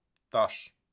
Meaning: 1. stone 2. piece
- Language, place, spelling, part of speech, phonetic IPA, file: Azerbaijani, Baku, daş, noun, [dɑʃ], Az-az-daş.ogg